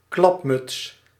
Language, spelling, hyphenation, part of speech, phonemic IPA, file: Dutch, klapmuts, klap‧muts, noun, /ˈklɑp.mʏts/, Nl-klapmuts.ogg
- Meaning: 1. hooded seal, clapmatch (Cystophora cristata) 2. a type of three-piece bonnet or cap worn by women that reached the chin; a clockmutch 3. a type of cap or hat with ear flaps worn by men